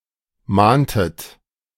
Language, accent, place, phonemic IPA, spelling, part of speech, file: German, Germany, Berlin, /ˈmaːntət/, mahntet, verb, De-mahntet.ogg
- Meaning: inflection of mahnen: 1. second-person plural preterite 2. second-person plural subjunctive II